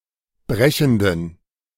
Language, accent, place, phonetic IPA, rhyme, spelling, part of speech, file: German, Germany, Berlin, [ˈbʁɛçn̩dən], -ɛçn̩dən, brechenden, adjective, De-brechenden.ogg
- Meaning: inflection of brechend: 1. strong genitive masculine/neuter singular 2. weak/mixed genitive/dative all-gender singular 3. strong/weak/mixed accusative masculine singular 4. strong dative plural